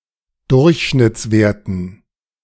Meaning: dative plural of Durchschnittswert
- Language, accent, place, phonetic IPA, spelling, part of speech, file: German, Germany, Berlin, [ˈdʊʁçʃnɪt͡sˌveːɐ̯tn̩], Durchschnittswerten, noun, De-Durchschnittswerten.ogg